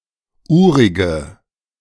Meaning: inflection of urig: 1. strong/mixed nominative/accusative feminine singular 2. strong nominative/accusative plural 3. weak nominative all-gender singular 4. weak accusative feminine/neuter singular
- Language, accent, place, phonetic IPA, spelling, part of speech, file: German, Germany, Berlin, [ˈuːʁɪɡə], urige, adjective, De-urige.ogg